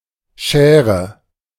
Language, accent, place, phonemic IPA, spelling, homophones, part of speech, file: German, Germany, Berlin, /ˈʃɛːrə/, Schäre, schäre, noun, De-Schäre.ogg
- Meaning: skerry (flat, rocky isle, especially in Scandinavia)